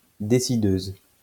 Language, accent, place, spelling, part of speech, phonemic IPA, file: French, France, Lyon, décideuse, noun, /de.si.døz/, LL-Q150 (fra)-décideuse.wav
- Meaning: female equivalent of décideur